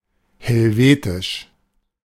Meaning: Helvetian, Swiss
- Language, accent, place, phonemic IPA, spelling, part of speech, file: German, Germany, Berlin, /hɛlˈveːtɪʃ/, helvetisch, adjective, De-helvetisch.ogg